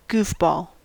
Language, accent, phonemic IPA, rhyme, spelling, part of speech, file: English, US, /ˈɡufˌbɔl/, -uːfbɔːl, goofball, noun / adjective, En-us-goofball.ogg
- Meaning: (noun) 1. A foolish or silly person or animal 2. A pill or tablet containing a pharmaceutical which has hypnotic or intoxicating effects, especially a barbiturate; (adjective) Silly